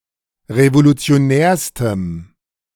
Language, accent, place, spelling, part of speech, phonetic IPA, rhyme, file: German, Germany, Berlin, revolutionärstem, adjective, [ʁevolut͡si̯oˈnɛːɐ̯stəm], -ɛːɐ̯stəm, De-revolutionärstem.ogg
- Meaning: strong dative masculine/neuter singular superlative degree of revolutionär